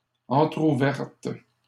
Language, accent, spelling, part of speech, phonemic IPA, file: French, Canada, entrouverte, adjective, /ɑ̃.tʁu.vɛʁt/, LL-Q150 (fra)-entrouverte.wav
- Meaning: feminine singular of entrouvert